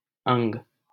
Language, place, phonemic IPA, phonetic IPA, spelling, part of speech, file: Hindi, Delhi, /əŋɡ/, [ɐ̃ŋɡ], अंग, noun, LL-Q1568 (hin)-अंग.wav
- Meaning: 1. limb 2. organ 3. branch, field 4. the divisions of a tala, a vibhag, especially in the context of Carnatic music